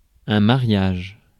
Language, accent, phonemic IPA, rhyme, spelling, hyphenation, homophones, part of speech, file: French, France, /ma.ʁjaʒ/, -aʒ, mariage, ma‧riage, mariages, noun, Fr-mariage.ogg
- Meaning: 1. marriage 2. wedding 3. union